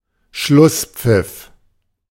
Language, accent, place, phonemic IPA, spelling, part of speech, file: German, Germany, Berlin, /ˈʃlʊspfɪf/, Schlusspfiff, noun, De-Schlusspfiff.ogg
- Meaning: final whistle